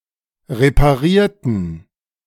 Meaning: inflection of reparieren: 1. first/third-person plural preterite 2. first/third-person plural subjunctive II
- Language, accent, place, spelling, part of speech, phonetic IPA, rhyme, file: German, Germany, Berlin, reparierten, adjective / verb, [ʁepaˈʁiːɐ̯tn̩], -iːɐ̯tn̩, De-reparierten.ogg